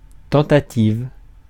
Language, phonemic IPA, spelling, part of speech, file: French, /tɑ̃.ta.tiv/, tentative, noun, Fr-tentative.ogg
- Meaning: attempt, try, effort (particularly of something difficult or risky): 1. general senses 2. an attempted infraction of law